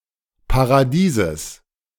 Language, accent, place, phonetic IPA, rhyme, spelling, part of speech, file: German, Germany, Berlin, [paʁaˈdiːzəs], -iːzəs, Paradieses, noun, De-Paradieses.ogg
- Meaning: genitive singular of Paradies